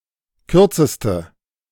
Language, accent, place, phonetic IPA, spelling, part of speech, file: German, Germany, Berlin, [ˈkʏʁt͡səstə], kürzeste, adjective, De-kürzeste.ogg
- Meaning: inflection of kurz: 1. strong/mixed nominative/accusative feminine singular superlative degree 2. strong nominative/accusative plural superlative degree